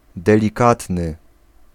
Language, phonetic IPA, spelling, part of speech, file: Polish, [ˌdɛlʲiˈkatnɨ], delikatny, adjective, Pl-delikatny.ogg